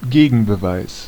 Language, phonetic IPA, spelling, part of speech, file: German, [ˈɡeːɡn̩bəˌvaɪ̯s], Gegenbeweis, noun, De-Gegenbeweis.ogg
- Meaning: counterevidence